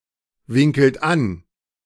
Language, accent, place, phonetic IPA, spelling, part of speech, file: German, Germany, Berlin, [ˌvɪŋkl̩t ˈan], winkelt an, verb, De-winkelt an.ogg
- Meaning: inflection of anwinkeln: 1. second-person plural present 2. third-person singular present 3. plural imperative